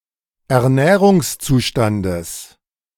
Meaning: genitive of Ernährungszustand
- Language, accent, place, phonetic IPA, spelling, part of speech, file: German, Germany, Berlin, [ɛɐ̯ˈnɛːʁʊŋsˌt͡suːʃtandəs], Ernährungszustandes, noun, De-Ernährungszustandes.ogg